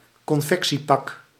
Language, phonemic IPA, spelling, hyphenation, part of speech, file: Dutch, /kɔnˈfɛk.siˌpɑk/, confectiepak, con‧fec‧tie‧pak, noun, Nl-confectiepak.ogg
- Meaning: a ready-made suit